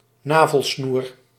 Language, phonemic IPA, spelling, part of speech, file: Dutch, /ˈnaː.vəlˌsnur/, navelsnoer, noun, Nl-navelsnoer.ogg
- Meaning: umbilical cord